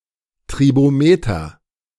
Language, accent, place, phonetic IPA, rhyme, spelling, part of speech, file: German, Germany, Berlin, [tʁiboˈmeːtɐ], -eːtɐ, Tribometer, noun, De-Tribometer.ogg
- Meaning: tribometer (device to measure the friction of a surface)